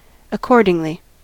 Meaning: 1. Agreeably; correspondingly; suitably 2. In natural sequence; consequently; so
- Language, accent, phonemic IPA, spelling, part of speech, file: English, US, /əˈkɔɹ.dɪŋ.li/, accordingly, adverb, En-us-accordingly.ogg